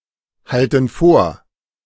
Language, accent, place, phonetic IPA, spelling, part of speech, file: German, Germany, Berlin, [ˌhaltn̩ ˈfoːɐ̯], halten vor, verb, De-halten vor.ogg
- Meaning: inflection of vorhalten: 1. first/third-person plural present 2. first/third-person plural subjunctive I